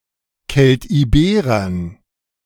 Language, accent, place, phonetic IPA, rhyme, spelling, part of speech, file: German, Germany, Berlin, [kɛltʔiˈbeːʁɐn], -eːʁɐn, Keltiberern, noun, De-Keltiberern.ogg
- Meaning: dative plural of Keltiberer